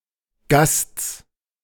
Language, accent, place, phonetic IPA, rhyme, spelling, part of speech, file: German, Germany, Berlin, [ɡast͡s], -ast͡s, Gasts, noun, De-Gasts.ogg
- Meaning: genitive singular of Gast